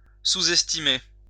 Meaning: 1. to underestimate 2. to undervalue
- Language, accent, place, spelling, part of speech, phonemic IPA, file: French, France, Lyon, sous-estimer, verb, /su.zɛs.ti.me/, LL-Q150 (fra)-sous-estimer.wav